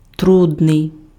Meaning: difficult
- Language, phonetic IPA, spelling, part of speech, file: Ukrainian, [trʊdˈnɪi̯], трудний, adjective, Uk-трудний.ogg